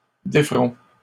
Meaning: first-person plural future of défaire
- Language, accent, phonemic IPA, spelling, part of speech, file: French, Canada, /de.fʁɔ̃/, déferons, verb, LL-Q150 (fra)-déferons.wav